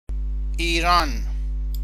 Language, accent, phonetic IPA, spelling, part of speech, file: Persian, Iran, [ʔiː.ɹɒ́ːn], ایران, proper noun, Fa-ایران.ogg
- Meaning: 1. Iran (a country in West Asia); (historically) Persia 2. a female given name, Iran, from Middle Persian